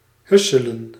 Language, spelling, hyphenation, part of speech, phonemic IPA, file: Dutch, husselen, hus‧se‧len, verb, /ˈɦʏ.sə.lə(n)/, Nl-husselen.ogg
- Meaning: 1. to mix up, shake up 2. to shuffle